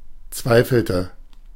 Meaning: inflection of zweifeln: 1. first/third-person singular preterite 2. first/third-person singular subjunctive II
- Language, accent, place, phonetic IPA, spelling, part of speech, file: German, Germany, Berlin, [ˈt͡svaɪ̯fl̩tə], zweifelte, verb, De-zweifelte.ogg